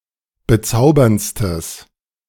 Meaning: strong/mixed nominative/accusative neuter singular superlative degree of bezaubernd
- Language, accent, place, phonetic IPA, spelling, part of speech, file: German, Germany, Berlin, [bəˈt͡saʊ̯bɐnt͡stəs], bezauberndstes, adjective, De-bezauberndstes.ogg